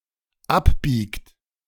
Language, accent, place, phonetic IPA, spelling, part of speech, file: German, Germany, Berlin, [ˈapˌbiːkt], abbiegt, verb, De-abbiegt.ogg
- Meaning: inflection of abbiegen: 1. third-person singular dependent present 2. second-person plural dependent present